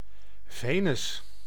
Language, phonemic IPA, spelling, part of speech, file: Dutch, /ˈveː.nʏs/, Venus, proper noun, Nl-Venus.ogg
- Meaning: 1. Venus (planet) 2. Venus (Roman goddess)